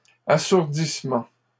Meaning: deafening
- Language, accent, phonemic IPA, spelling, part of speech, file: French, Canada, /a.suʁ.dis.mɑ̃/, assourdissement, noun, LL-Q150 (fra)-assourdissement.wav